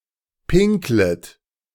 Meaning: second-person plural subjunctive I of pinkeln
- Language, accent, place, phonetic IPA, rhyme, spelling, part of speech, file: German, Germany, Berlin, [ˈpɪŋklət], -ɪŋklət, pinklet, verb, De-pinklet.ogg